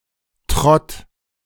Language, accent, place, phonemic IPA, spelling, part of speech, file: German, Germany, Berlin, /tʁɔt/, Trott, noun, De-Trott.ogg
- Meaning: 1. jog, trot 2. rut; routine